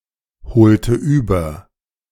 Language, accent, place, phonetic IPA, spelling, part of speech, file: German, Germany, Berlin, [bəˈt͡saɪ̯çnəndɐ], bezeichnender, adjective, De-bezeichnender.ogg
- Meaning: 1. comparative degree of bezeichnend 2. inflection of bezeichnend: strong/mixed nominative masculine singular 3. inflection of bezeichnend: strong genitive/dative feminine singular